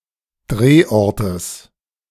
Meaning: genitive of Drehort
- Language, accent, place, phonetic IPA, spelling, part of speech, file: German, Germany, Berlin, [ˈdʁeːˌʔɔʁtəs], Drehortes, noun, De-Drehortes.ogg